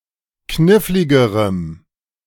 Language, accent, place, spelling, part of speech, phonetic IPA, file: German, Germany, Berlin, kniffligerem, adjective, [ˈknɪflɪɡəʁəm], De-kniffligerem.ogg
- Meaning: strong dative masculine/neuter singular comparative degree of knifflig